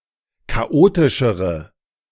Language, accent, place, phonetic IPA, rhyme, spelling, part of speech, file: German, Germany, Berlin, [kaˈʔoːtɪʃəʁə], -oːtɪʃəʁə, chaotischere, adjective, De-chaotischere.ogg
- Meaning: inflection of chaotisch: 1. strong/mixed nominative/accusative feminine singular comparative degree 2. strong nominative/accusative plural comparative degree